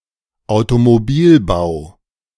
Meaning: automobile manufacture
- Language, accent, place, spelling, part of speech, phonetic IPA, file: German, Germany, Berlin, Automobilbau, noun, [aʊ̯tomoˈbiːlˌbaʊ̯], De-Automobilbau.ogg